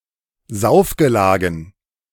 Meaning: dative plural of Saufgelage
- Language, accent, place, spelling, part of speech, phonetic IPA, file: German, Germany, Berlin, Saufgelagen, noun, [ˈzaʊ̯fɡəˌlaːɡn̩], De-Saufgelagen.ogg